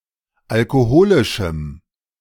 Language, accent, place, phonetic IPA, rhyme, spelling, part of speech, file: German, Germany, Berlin, [alkoˈhoːlɪʃm̩], -oːlɪʃm̩, alkoholischem, adjective, De-alkoholischem.ogg
- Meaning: strong dative masculine/neuter singular of alkoholisch